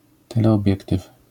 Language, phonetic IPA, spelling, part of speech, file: Polish, [ˌtɛlɛɔˈbʲjɛktɨf], teleobiektyw, noun, LL-Q809 (pol)-teleobiektyw.wav